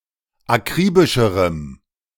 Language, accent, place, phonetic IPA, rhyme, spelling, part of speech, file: German, Germany, Berlin, [aˈkʁiːbɪʃəʁəm], -iːbɪʃəʁəm, akribischerem, adjective, De-akribischerem.ogg
- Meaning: strong dative masculine/neuter singular comparative degree of akribisch